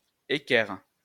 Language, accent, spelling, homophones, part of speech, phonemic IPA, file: French, France, équerre, équerrent / équerres, noun / verb, /e.kɛʁ/, LL-Q150 (fra)-équerre.wav
- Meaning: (noun) 1. square (tool) 2. set square; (verb) inflection of équerrer: 1. first/third-person singular present indicative/subjunctive 2. second-person singular imperative